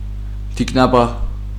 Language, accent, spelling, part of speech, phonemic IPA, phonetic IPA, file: Armenian, Eastern Armenian, թիկնապահ, noun, /tʰiknɑˈpɑh/, [tʰiknɑpɑ́h], Hy-թիկնապահ.ogg
- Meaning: bodyguard